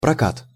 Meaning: 1. hire, rental (of goods) 2. rolling 3. rolled metal 4. distribution (of films)
- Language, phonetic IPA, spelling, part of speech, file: Russian, [prɐˈkat], прокат, noun, Ru-прокат.ogg